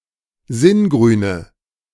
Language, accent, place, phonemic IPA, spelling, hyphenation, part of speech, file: German, Germany, Berlin, /ˈzɪnˌɡʁyːnə/, Singrüne, Sin‧grü‧ne, noun, De-Singrüne.ogg
- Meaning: nominative genitive accusative plural of Singrün